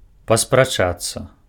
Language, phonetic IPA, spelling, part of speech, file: Belarusian, [paspraˈt͡ʂat͡sːa], паспрачацца, verb, Be-паспрачацца.ogg
- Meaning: to argue